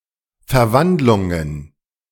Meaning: plural of Verwandlung
- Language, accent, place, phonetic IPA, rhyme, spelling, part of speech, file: German, Germany, Berlin, [fɛɐ̯ˈvandlʊŋən], -andlʊŋən, Verwandlungen, noun, De-Verwandlungen.ogg